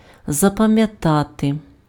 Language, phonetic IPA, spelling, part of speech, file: Ukrainian, [zɐpɐmjɐˈtate], запам'ятати, verb, Uk-запам'ятати.ogg
- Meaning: to memorize, to remember (to commit to memory)